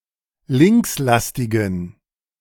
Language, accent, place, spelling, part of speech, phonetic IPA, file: German, Germany, Berlin, linkslastigen, adjective, [ˈlɪŋksˌlastɪɡn̩], De-linkslastigen.ogg
- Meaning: inflection of linkslastig: 1. strong genitive masculine/neuter singular 2. weak/mixed genitive/dative all-gender singular 3. strong/weak/mixed accusative masculine singular 4. strong dative plural